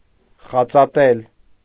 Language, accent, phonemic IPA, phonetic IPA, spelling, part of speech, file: Armenian, Eastern Armenian, /χɑt͡sɑˈtel/, [χɑt͡sɑtél], խածատել, verb, Hy-խածատել.ogg
- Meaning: to nibble; to bite